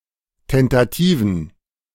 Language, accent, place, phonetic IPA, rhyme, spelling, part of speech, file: German, Germany, Berlin, [ˌtɛntaˈtiːvn̩], -iːvn̩, tentativen, adjective, De-tentativen.ogg
- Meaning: inflection of tentativ: 1. strong genitive masculine/neuter singular 2. weak/mixed genitive/dative all-gender singular 3. strong/weak/mixed accusative masculine singular 4. strong dative plural